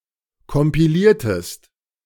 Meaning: inflection of kompilieren: 1. second-person singular preterite 2. second-person singular subjunctive II
- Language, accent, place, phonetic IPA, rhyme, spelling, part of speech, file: German, Germany, Berlin, [kɔmpiˈliːɐ̯təst], -iːɐ̯təst, kompiliertest, verb, De-kompiliertest.ogg